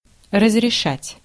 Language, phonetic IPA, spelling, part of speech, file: Russian, [rəzrʲɪˈʂatʲ], разрешать, verb, Ru-разрешать.ogg
- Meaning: 1. to permit, to allow 2. to solve, to resolve 3. to authorize 4. to settle (a problem)